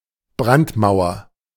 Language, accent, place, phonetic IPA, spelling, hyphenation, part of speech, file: German, Germany, Berlin, [ˈbʁantˌmaʊ̯ɐ], Brandmauer, Brand‧mau‧er, noun, De-Brandmauer.ogg
- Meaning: 1. firewall 2. cordon sanitaire (an agreement among political parties not to govern with parties on the extreme right)